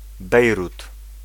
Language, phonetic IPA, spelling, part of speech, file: Polish, [ˈbɛjrut], Bejrut, proper noun, Pl-Bejrut.ogg